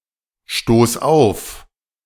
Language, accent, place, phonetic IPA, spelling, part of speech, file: German, Germany, Berlin, [ˌʃtoːs ˈaʊ̯f], stoß auf, verb, De-stoß auf.ogg
- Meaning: singular imperative of aufstoßen